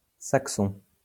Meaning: Saxon (of, from or relating to Saxony, Germany)
- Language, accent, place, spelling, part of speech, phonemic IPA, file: French, France, Lyon, saxon, adjective, /sak.sɔ̃/, LL-Q150 (fra)-saxon.wav